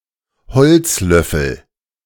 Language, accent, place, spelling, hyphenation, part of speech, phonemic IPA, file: German, Germany, Berlin, Holzlöffel, Holz‧löf‧fel, noun, /ˈhɔlt͡sˌlœfl̩/, De-Holzlöffel.ogg
- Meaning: wooden spoon